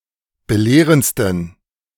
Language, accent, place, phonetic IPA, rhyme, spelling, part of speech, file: German, Germany, Berlin, [bəˈleːʁənt͡stn̩], -eːʁənt͡stn̩, belehrendsten, adjective, De-belehrendsten.ogg
- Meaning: 1. superlative degree of belehrend 2. inflection of belehrend: strong genitive masculine/neuter singular superlative degree